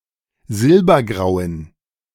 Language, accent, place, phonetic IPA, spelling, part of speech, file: German, Germany, Berlin, [ˈzɪlbɐˌɡʁaʊ̯ən], silbergrauen, adjective, De-silbergrauen.ogg
- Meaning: inflection of silbergrau: 1. strong genitive masculine/neuter singular 2. weak/mixed genitive/dative all-gender singular 3. strong/weak/mixed accusative masculine singular 4. strong dative plural